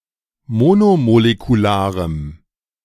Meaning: strong dative masculine/neuter singular of monomolekular
- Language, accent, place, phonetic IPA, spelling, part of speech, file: German, Germany, Berlin, [ˈmoːnomolekuˌlaːʁəm], monomolekularem, adjective, De-monomolekularem.ogg